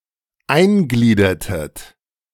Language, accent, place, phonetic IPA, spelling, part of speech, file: German, Germany, Berlin, [ˈaɪ̯nˌɡliːdɐtət], eingliedertet, verb, De-eingliedertet.ogg
- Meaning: inflection of eingliedern: 1. second-person plural preterite 2. second-person plural subjunctive II